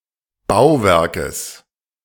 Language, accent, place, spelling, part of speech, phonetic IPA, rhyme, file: German, Germany, Berlin, Bauwerkes, noun, [ˈbaʊ̯ˌvɛʁkəs], -aʊ̯vɛʁkəs, De-Bauwerkes.ogg
- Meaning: genitive singular of Bauwerk